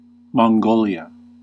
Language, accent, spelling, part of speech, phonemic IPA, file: English, US, Mongolia, proper noun, /mɑŋˈɡoʊli.ə/, En-us-Mongolia.ogg
- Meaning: A country in East Asia. Capital and largest city: Ulaanbaatar